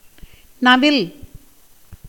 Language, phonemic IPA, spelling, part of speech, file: Tamil, /nɐʋɪl/, நவில், verb, Ta-நவில்.ogg
- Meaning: 1. to speak, tell, declare 2. to learn, study, read 3. to sing 4. to indicate, intend